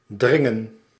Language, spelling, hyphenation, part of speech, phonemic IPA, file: Dutch, dringen, drin‧gen, verb, /ˈdrɪŋə(n)/, Nl-dringen.ogg
- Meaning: 1. to press, push (into a tight space, a crowd etc) 2. to insist 3. to force entry 4. to be short in supply (of time, etc)